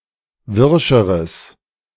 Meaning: strong/mixed nominative/accusative neuter singular comparative degree of wirsch
- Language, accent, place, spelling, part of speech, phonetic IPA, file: German, Germany, Berlin, wirscheres, adjective, [ˈvɪʁʃəʁəs], De-wirscheres.ogg